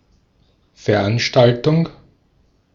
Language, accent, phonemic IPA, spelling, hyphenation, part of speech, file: German, Austria, /fɛɐ̯ˈanʃtaltʊŋ/, Veranstaltung, Ver‧an‧stal‧tung, noun, De-at-Veranstaltung.ogg
- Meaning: public event or community gathering with a specific theme or purpose and a specific duration